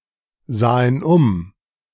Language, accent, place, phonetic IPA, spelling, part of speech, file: German, Germany, Berlin, [ˌzaːən ˈʊm], sahen um, verb, De-sahen um.ogg
- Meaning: first/third-person plural preterite of umsehen